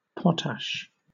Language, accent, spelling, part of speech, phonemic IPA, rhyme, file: English, Southern England, potash, noun / verb, /ˈpɒt.æʃ/, -æʃ, LL-Q1860 (eng)-potash.wav
- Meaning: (noun) The water-soluble part of wood ash, used for making soap and glass and as a fertilizer (chemically speaking, an impure form of potassium carbonate (K₂CO₃) mixed with other potassium salts)